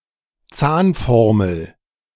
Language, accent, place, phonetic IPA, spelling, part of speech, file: German, Germany, Berlin, [ˈt͡saːnˌfɔʁml̩], Zahnformel, noun, De-Zahnformel.ogg
- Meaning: dental notation